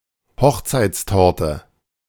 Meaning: wedding cake
- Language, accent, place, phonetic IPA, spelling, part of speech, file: German, Germany, Berlin, [ˈhɔxt͡saɪ̯t͡sˌtɔʁtə], Hochzeitstorte, noun, De-Hochzeitstorte.ogg